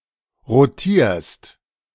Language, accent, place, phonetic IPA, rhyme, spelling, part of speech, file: German, Germany, Berlin, [ʁoˈtiːɐ̯st], -iːɐ̯st, rotierst, verb, De-rotierst.ogg
- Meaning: second-person singular present of rotieren